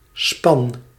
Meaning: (noun) 1. a span, a team (pair or larger team of draught animals) 2. a cart or instrument with a team of draught animals 3. a romantic pair, couple
- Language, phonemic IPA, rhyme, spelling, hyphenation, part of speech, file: Dutch, /spɑn/, -ɑn, span, span, noun / verb, Nl-span.ogg